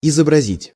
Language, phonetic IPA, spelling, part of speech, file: Russian, [ɪzəbrɐˈzʲitʲ], изобразить, verb, Ru-изобразить.ogg
- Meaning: 1. to depict, to picture, to portray 2. to describe; to represent, to paint 3. to imitate